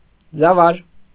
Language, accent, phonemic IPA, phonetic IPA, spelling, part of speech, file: Armenian, Eastern Armenian, /d͡zɑˈvɑɾ/, [d͡zɑvɑ́ɾ], ձավար, noun, Hy-ձավար.ogg
- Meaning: cracked wheat groats (raw or cooked)